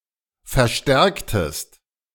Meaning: inflection of verstärken: 1. second-person singular preterite 2. second-person singular subjunctive II
- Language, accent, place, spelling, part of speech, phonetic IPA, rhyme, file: German, Germany, Berlin, verstärktest, verb, [fɛɐ̯ˈʃtɛʁktəst], -ɛʁktəst, De-verstärktest.ogg